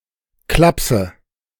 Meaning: loony bin
- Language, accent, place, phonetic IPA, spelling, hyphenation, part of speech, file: German, Germany, Berlin, [ˈklapsə], Klapse, Klap‧se, noun, De-Klapse.ogg